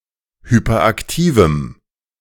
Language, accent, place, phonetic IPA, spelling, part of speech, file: German, Germany, Berlin, [ˌhypɐˈʔaktiːvm̩], hyperaktivem, adjective, De-hyperaktivem.ogg
- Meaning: strong dative masculine/neuter singular of hyperaktiv